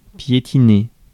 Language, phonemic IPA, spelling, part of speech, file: French, /pje.ti.ne/, piétiner, verb, Fr-piétiner.ogg
- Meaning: 1. to stomp (make loud sounds by stepping) 2. to shuffle (move forwards with short steps and with difficulty) 3. to make no headway, to go into a dead end 4. to trample (underfoot)